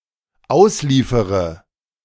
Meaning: inflection of ausliefern: 1. first-person singular dependent present 2. first/third-person singular dependent subjunctive I
- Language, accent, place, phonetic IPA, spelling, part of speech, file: German, Germany, Berlin, [ˈaʊ̯sˌliːfəʁə], ausliefere, verb, De-ausliefere.ogg